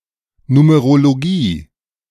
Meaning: numerology
- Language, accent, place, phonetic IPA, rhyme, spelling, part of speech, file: German, Germany, Berlin, [numeʁoloˈɡiː], -iː, Numerologie, noun, De-Numerologie.ogg